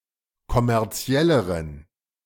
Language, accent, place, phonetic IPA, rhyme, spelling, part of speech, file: German, Germany, Berlin, [kɔmɛʁˈt͡si̯ɛləʁən], -ɛləʁən, kommerzielleren, adjective, De-kommerzielleren.ogg
- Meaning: inflection of kommerziell: 1. strong genitive masculine/neuter singular comparative degree 2. weak/mixed genitive/dative all-gender singular comparative degree